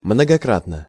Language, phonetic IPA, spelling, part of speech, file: Russian, [mnəɡɐˈkratnə], многократно, adverb / adjective, Ru-многократно.ogg
- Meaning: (adverb) repeatedly (done several times); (adjective) short neuter singular of многокра́тный (mnogokrátnyj)